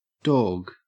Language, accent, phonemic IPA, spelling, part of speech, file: English, Australia, /doːɡ/, dawg, noun, En-au-dawg.ogg
- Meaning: 1. Pronunciation spelling of dog 2. Term of address for a close, usually male, friend